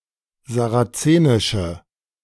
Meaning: inflection of sarazenisch: 1. strong/mixed nominative/accusative feminine singular 2. strong nominative/accusative plural 3. weak nominative all-gender singular
- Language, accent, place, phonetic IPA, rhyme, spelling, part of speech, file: German, Germany, Berlin, [zaʁaˈt͡seːnɪʃə], -eːnɪʃə, sarazenische, adjective, De-sarazenische.ogg